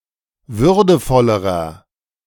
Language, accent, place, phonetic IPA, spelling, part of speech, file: German, Germany, Berlin, [ˈvʏʁdəfɔləʁɐ], würdevollerer, adjective, De-würdevollerer.ogg
- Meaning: inflection of würdevoll: 1. strong/mixed nominative masculine singular comparative degree 2. strong genitive/dative feminine singular comparative degree 3. strong genitive plural comparative degree